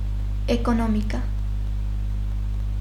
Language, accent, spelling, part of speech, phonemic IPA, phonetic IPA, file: Armenian, Eastern Armenian, էկոնոմիկա, noun, /ekoˈnomikɑ/, [ekonómikɑ], Hy-էկոնոմիկա.ogg
- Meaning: 1. economy 2. economics